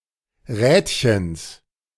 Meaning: genitive singular of Rädchen
- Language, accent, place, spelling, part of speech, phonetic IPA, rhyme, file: German, Germany, Berlin, Rädchens, noun, [ˈʁɛːtçəns], -ɛːtçəns, De-Rädchens.ogg